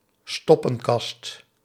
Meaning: a fusebox
- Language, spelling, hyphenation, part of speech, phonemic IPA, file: Dutch, stoppenkast, stop‧pen‧kast, noun, /ˈstɔ.pə(n)ˌkɑst/, Nl-stoppenkast.ogg